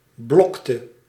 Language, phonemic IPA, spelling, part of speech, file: Dutch, /ˈblɔktə/, blokte, verb, Nl-blokte.ogg
- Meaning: inflection of blokken: 1. singular past indicative 2. singular past subjunctive